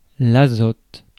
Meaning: nitrogen
- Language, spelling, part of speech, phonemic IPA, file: French, azote, noun, /a.zɔt/, Fr-azote.ogg